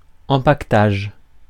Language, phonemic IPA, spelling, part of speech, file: French, /ɑ̃.pak.taʒ/, empaquetage, noun, Fr-empaquetage.ogg
- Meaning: packing, packaging